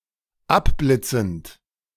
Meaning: present participle of abblitzen
- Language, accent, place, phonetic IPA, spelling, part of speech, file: German, Germany, Berlin, [ˈapˌblɪt͡sn̩t], abblitzend, verb, De-abblitzend.ogg